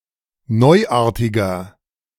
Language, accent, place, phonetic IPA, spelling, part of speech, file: German, Germany, Berlin, [ˈnɔɪ̯ˌʔaːɐ̯tɪɡɐ], neuartiger, adjective, De-neuartiger.ogg
- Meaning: 1. comparative degree of neuartig 2. inflection of neuartig: strong/mixed nominative masculine singular 3. inflection of neuartig: strong genitive/dative feminine singular